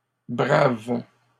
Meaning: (adjective) plural of brave; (verb) second-person singular present indicative/subjunctive of braver
- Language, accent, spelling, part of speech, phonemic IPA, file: French, Canada, braves, adjective / verb, /bʁav/, LL-Q150 (fra)-braves.wav